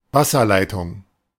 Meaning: 1. water conduit 2. water pipe
- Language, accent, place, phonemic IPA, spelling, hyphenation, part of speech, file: German, Germany, Berlin, /ˈvasɐlaɪ̯tʊŋ/, Wasserleitung, Was‧ser‧lei‧tung, noun, De-Wasserleitung.ogg